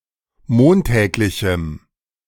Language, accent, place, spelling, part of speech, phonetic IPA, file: German, Germany, Berlin, montäglichem, adjective, [ˈmoːnˌtɛːklɪçm̩], De-montäglichem.ogg
- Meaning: strong dative masculine/neuter singular of montäglich